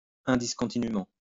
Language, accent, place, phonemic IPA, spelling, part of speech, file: French, France, Lyon, /ɛ̃.dis.kɔ̃.ti.ny.mɑ̃/, indiscontinûment, adverb, LL-Q150 (fra)-indiscontinûment.wav
- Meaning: incessantly